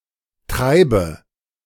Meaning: inflection of treiben: 1. first-person singular present 2. first/third-person singular subjunctive I 3. singular imperative
- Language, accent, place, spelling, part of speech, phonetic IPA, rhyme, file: German, Germany, Berlin, treibe, verb, [ˈtʁaɪ̯bə], -aɪ̯bə, De-treibe.ogg